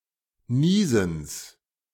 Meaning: genitive of Niesen
- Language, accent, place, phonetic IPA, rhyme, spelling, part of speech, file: German, Germany, Berlin, [ˈniːzn̩s], -iːzn̩s, Niesens, noun, De-Niesens.ogg